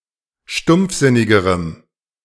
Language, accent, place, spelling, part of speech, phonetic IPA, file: German, Germany, Berlin, stumpfsinnigerem, adjective, [ˈʃtʊmp͡fˌzɪnɪɡəʁəm], De-stumpfsinnigerem.ogg
- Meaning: strong dative masculine/neuter singular comparative degree of stumpfsinnig